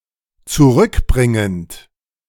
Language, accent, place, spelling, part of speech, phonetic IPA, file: German, Germany, Berlin, zurückbringend, verb, [t͡suˈʁʏkˌbʁɪŋənt], De-zurückbringend.ogg
- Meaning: present participle of zurückbringen